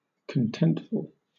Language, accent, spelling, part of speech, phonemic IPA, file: English, Southern England, contentful, adjective, /kənˈtɛnt.fəɫ/, LL-Q1860 (eng)-contentful.wav
- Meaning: Full of contentment